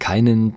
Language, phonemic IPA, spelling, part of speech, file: German, /ˈkaɪ̯nən/, keinen, pronoun, De-keinen.ogg
- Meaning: 1. accusative masculine of kein 2. dative plural of kein 3. inflection of keiner: accusative masculine 4. inflection of keiner: dative plural